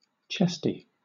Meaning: 1. Having large breasts; busty 2. Not dry; involving the coughing of phlegm 3. Coming from, or associated with, the chest 4. Conceited
- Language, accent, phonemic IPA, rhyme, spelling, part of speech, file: English, Southern England, /ˈt͡ʃɛsti/, -ɛsti, chesty, adjective, LL-Q1860 (eng)-chesty.wav